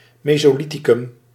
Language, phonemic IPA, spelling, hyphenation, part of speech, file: Dutch, /ˌmeː.soːˈli.ti.kʏm/, mesolithicum, me‧so‧li‧thi‧cum, noun, Nl-mesolithicum.ogg
- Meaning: Mesolithic, Middle Stone Age